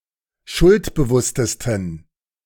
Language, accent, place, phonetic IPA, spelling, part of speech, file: German, Germany, Berlin, [ˈʃʊltbəˌvʊstəstn̩], schuldbewusstesten, adjective, De-schuldbewusstesten.ogg
- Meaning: 1. superlative degree of schuldbewusst 2. inflection of schuldbewusst: strong genitive masculine/neuter singular superlative degree